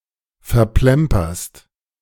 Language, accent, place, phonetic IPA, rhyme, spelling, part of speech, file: German, Germany, Berlin, [fɛɐ̯ˈplɛmpɐst], -ɛmpɐst, verplemperst, verb, De-verplemperst.ogg
- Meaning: second-person singular present of verplempern